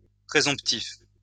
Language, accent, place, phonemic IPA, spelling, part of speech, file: French, France, Lyon, /pʁe.zɔ̃p.tif/, présomptif, adjective, LL-Q150 (fra)-présomptif.wav
- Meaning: presumptive